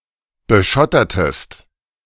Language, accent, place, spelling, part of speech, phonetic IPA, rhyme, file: German, Germany, Berlin, beschottertest, verb, [bəˈʃɔtɐtəst], -ɔtɐtəst, De-beschottertest.ogg
- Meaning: inflection of beschottern: 1. second-person singular preterite 2. second-person singular subjunctive II